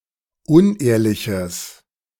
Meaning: strong/mixed nominative/accusative neuter singular of unehrlich
- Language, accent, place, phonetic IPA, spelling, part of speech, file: German, Germany, Berlin, [ˈʊnˌʔeːɐ̯lɪçəs], unehrliches, adjective, De-unehrliches.ogg